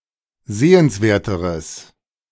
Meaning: strong/mixed nominative/accusative neuter singular comparative degree of sehenswert
- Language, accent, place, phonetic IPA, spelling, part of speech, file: German, Germany, Berlin, [ˈzeːənsˌveːɐ̯təʁəs], sehenswerteres, adjective, De-sehenswerteres.ogg